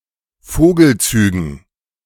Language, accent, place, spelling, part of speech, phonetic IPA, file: German, Germany, Berlin, Vogelzügen, noun, [ˈfoːɡl̩ˌt͡syːɡn̩], De-Vogelzügen.ogg
- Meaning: dative plural of Vogelzug